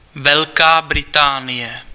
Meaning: Great Britain (a large island (sometimes also including some of the surrounding smaller islands) off the north-west coast of Western Europe, made up of England, Scotland, and Wales)
- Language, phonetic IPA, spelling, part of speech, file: Czech, [vɛlkaː brɪtaːnɪjɛ], Velká Británie, proper noun, Cs-Velká Británie.ogg